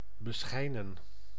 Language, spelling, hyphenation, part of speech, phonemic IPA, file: Dutch, beschijnen, be‧schij‧nen, verb, /bəˈsxɛi̯nə(n)/, Nl-beschijnen.ogg
- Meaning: to shine on